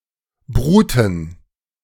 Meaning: plural of Brut
- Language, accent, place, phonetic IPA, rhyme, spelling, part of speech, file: German, Germany, Berlin, [ˈbʁuːtn̩], -uːtn̩, Bruten, noun, De-Bruten.ogg